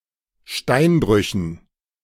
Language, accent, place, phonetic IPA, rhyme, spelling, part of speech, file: German, Germany, Berlin, [ˈʃtaɪ̯nˌbʁʏçn̩], -aɪ̯nbʁʏçn̩, Steinbrüchen, noun, De-Steinbrüchen.ogg
- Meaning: dative plural of Steinbruch